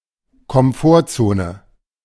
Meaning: comfort zone
- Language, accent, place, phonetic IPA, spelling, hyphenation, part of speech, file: German, Germany, Berlin, [kɔmˈfoːɐ̯ˌt͡soːnə], Komfortzone, Kom‧fort‧zo‧ne, noun, De-Komfortzone.ogg